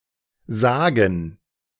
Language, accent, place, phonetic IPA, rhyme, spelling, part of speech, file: German, Germany, Berlin, [ˈzaːɡn̩], -aːɡn̩, Sagen, noun, De-Sagen.ogg
- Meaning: 1. gerund of sagen 2. plural of Sage